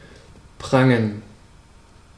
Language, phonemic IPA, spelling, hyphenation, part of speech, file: German, /ˈpraŋən/, prangen, pran‧gen, verb, De-prangen.ogg
- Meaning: 1. to resplend, shine, to be shown, sported (to be highly visible) 2. to show off, to flaunt